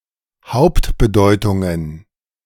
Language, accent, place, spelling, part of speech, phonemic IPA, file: German, Germany, Berlin, Hauptbedeutungen, noun, /ˈhaʊ̯ptbəˌdɔɪ̯tʊŋən/, De-Hauptbedeutungen.ogg
- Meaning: plural of Hauptbedeutung